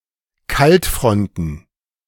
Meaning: plural of Kaltfront
- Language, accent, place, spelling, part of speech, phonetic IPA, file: German, Germany, Berlin, Kaltfronten, noun, [ˈkaltˌfʁɔntn̩], De-Kaltfronten.ogg